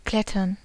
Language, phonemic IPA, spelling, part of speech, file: German, /ˈklɛtɐn/, klettern, verb, De-klettern.ogg
- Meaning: to climb (e.g. up a tree)